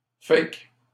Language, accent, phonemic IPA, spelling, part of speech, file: French, Canada, /fak/, faque, conjunction, LL-Q150 (fra)-faque.wav
- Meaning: eye dialect spelling of fait que